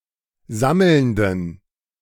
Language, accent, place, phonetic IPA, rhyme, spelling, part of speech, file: German, Germany, Berlin, [ˈzaml̩ndn̩], -aml̩ndn̩, sammelnden, adjective, De-sammelnden.ogg
- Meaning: inflection of sammelnd: 1. strong genitive masculine/neuter singular 2. weak/mixed genitive/dative all-gender singular 3. strong/weak/mixed accusative masculine singular 4. strong dative plural